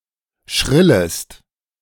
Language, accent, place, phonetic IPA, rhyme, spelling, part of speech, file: German, Germany, Berlin, [ˈʃʁɪləst], -ɪləst, schrillest, verb, De-schrillest.ogg
- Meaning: second-person singular subjunctive I of schrillen